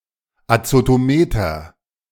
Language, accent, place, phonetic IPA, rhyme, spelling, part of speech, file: German, Germany, Berlin, [at͡sotoˈmeːtɐ], -eːtɐ, Azotometer, noun, De-Azotometer.ogg
- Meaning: azotometer, nitrometer